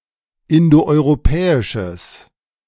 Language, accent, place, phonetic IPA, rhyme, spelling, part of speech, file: German, Germany, Berlin, [ˌɪndoʔɔɪ̯ʁoˈpɛːɪʃəs], -ɛːɪʃəs, indoeuropäisches, adjective, De-indoeuropäisches.ogg
- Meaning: strong/mixed nominative/accusative neuter singular of indoeuropäisch